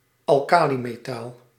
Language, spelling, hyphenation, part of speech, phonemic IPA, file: Dutch, alkalimetaal, al‧ka‧li‧me‧taal, noun, /ɑlˈkaːlimeːˌtaːl/, Nl-alkalimetaal.ogg
- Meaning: alkali metal